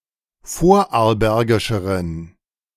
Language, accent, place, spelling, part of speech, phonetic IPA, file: German, Germany, Berlin, vorarlbergischeren, adjective, [ˈfoːɐ̯ʔaʁlˌbɛʁɡɪʃəʁən], De-vorarlbergischeren.ogg
- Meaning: inflection of vorarlbergisch: 1. strong genitive masculine/neuter singular comparative degree 2. weak/mixed genitive/dative all-gender singular comparative degree